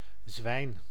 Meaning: 1. pig 2. swine, fiend (of a person) 3. bicycle
- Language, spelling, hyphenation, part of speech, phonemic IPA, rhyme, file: Dutch, zwijn, zwijn, noun, /zʋɛi̯n/, -ɛi̯n, Nl-zwijn.ogg